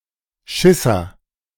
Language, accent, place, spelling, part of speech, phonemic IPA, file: German, Germany, Berlin, Schisser, noun, /ˈʃɪsɐ/, De-Schisser.ogg
- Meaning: coward